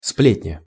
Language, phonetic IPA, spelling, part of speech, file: Russian, [ˈsplʲetʲnʲə], сплетня, noun, Ru-сплетня.ogg
- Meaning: 1. gossip, scuttlebutt (idle talk) 2. tale, whispering 3. guff, furphy